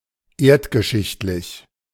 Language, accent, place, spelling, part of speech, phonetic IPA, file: German, Germany, Berlin, erdgeschichtlich, adjective, [ˈeːɐ̯tɡəˌʃɪçtlɪç], De-erdgeschichtlich.ogg
- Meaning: geological (concerning the history of the Earth)